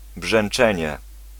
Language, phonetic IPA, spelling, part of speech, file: Polish, [bʒɛ̃n͇ˈt͡ʃɛ̃ɲɛ], brzęczenie, noun, Pl-brzęczenie.ogg